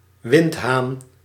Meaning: weathercock
- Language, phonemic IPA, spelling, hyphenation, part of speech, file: Dutch, /ˈʋɪnt.ɦaːn/, windhaan, wind‧haan, noun, Nl-windhaan.ogg